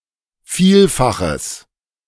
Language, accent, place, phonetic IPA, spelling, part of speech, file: German, Germany, Berlin, [ˈfiːlfaxəs], vielfaches, adjective, De-vielfaches.ogg
- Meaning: strong/mixed nominative/accusative neuter singular of vielfach